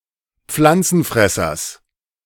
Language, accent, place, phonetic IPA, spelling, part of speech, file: German, Germany, Berlin, [ˈp͡flant͡sn̩ˌfʁɛsɐs], Pflanzenfressers, noun, De-Pflanzenfressers.ogg
- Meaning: genitive singular of Pflanzenfresser